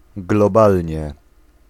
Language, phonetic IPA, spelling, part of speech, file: Polish, [ɡlɔˈbalʲɲɛ], globalnie, adverb, Pl-globalnie.ogg